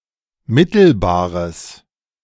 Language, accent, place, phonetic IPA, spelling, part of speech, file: German, Germany, Berlin, [ˈmɪtl̩baːʁəs], mittelbares, adjective, De-mittelbares.ogg
- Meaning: strong/mixed nominative/accusative neuter singular of mittelbar